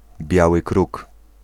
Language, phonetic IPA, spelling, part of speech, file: Polish, [ˈbʲjawɨ ˈkruk], biały kruk, noun, Pl-biały kruk.ogg